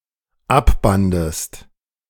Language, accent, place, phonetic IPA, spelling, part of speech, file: German, Germany, Berlin, [ˈapˌbandəst], abbandest, verb, De-abbandest.ogg
- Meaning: second-person singular dependent preterite of abbinden